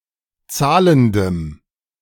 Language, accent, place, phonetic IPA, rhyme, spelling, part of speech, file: German, Germany, Berlin, [ˈt͡saːləndəm], -aːləndəm, zahlendem, adjective, De-zahlendem.ogg
- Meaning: strong dative masculine/neuter singular of zahlend